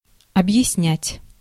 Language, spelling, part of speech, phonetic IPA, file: Russian, объяснять, verb, [ɐbjɪsˈnʲætʲ], Ru-объяснять.ogg
- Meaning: 1. to explain, to illustrate, to clarify, to illuminate 2. to account for